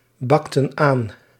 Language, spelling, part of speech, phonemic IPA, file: Dutch, bakten aan, verb, /ˈbɑktə(n) ˈan/, Nl-bakten aan.ogg
- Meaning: inflection of aanbakken: 1. plural past indicative 2. plural past subjunctive